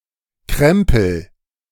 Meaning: junk, stuff
- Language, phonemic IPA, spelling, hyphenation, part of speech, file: German, /ˈkʁɛmpl̩/, Krempel, Krem‧pel, noun, De-krempel.ogg